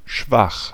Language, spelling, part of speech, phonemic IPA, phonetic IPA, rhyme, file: German, schwach, adjective, /ˈʃvax/, [ˈʃʋaχ], -ax, De-schwach.ogg
- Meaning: 1. weak, lacking in strength 2. weak